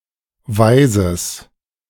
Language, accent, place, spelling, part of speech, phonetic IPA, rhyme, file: German, Germany, Berlin, weises, adjective, [ˈvaɪ̯zəs], -aɪ̯zəs, De-weises.ogg
- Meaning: strong/mixed nominative/accusative neuter singular of weise